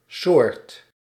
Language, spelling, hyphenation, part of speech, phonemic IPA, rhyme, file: Dutch, soort, soort, noun, /soːrt/, -oːrt, Nl-soort.ogg
- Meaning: 1. sort, kind 2. species